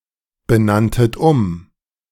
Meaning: second-person plural preterite of umbenennen
- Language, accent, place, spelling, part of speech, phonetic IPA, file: German, Germany, Berlin, benanntet um, verb, [bəˌnantət ˈʊm], De-benanntet um.ogg